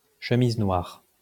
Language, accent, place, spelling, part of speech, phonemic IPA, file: French, France, Lyon, chemises noires, noun, /ʃə.miz nwaʁ/, LL-Q150 (fra)-chemises noires.wav
- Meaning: plural of chemise noire